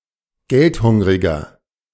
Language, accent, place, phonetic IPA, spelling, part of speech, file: German, Germany, Berlin, [ˈɡɛltˌhʊŋʁɪɡɐ], geldhungriger, adjective, De-geldhungriger.ogg
- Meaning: 1. comparative degree of geldhungrig 2. inflection of geldhungrig: strong/mixed nominative masculine singular 3. inflection of geldhungrig: strong genitive/dative feminine singular